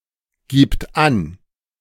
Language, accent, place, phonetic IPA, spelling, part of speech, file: German, Germany, Berlin, [ˌɡiːpt ˈan], gibt an, verb, De-gibt an.ogg
- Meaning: third-person singular present of angeben